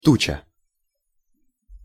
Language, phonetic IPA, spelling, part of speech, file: Russian, [ˈtut͡ɕə], туча, noun, Ru-туча.ogg
- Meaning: 1. rain cloud; dark, heavy cloud 2. moving multitude; cloud, host